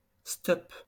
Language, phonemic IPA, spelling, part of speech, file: French, /stɔp/, stop, interjection / noun, LL-Q150 (fra)-stop.wav
- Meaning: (interjection) stop!; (noun) 1. stop sign 2. brake lights; stop lights 3. hitchhiking